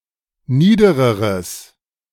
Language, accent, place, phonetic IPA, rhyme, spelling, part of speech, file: German, Germany, Berlin, [ˈniːdəʁəʁəs], -iːdəʁəʁəs, niedereres, adjective, De-niedereres.ogg
- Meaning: strong/mixed nominative/accusative neuter singular comparative degree of nieder